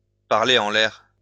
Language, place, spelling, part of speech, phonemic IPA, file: French, Lyon, parler en l'air, verb, /paʁ.le ɑ̃ l‿ɛʁ/, LL-Q150 (fra)-parler en l'air.wav
- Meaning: 1. to waste one's breath (to speak without being listened to) 2. to blow smoke; to talk through one's hat (to speak about issues one doesn't understand)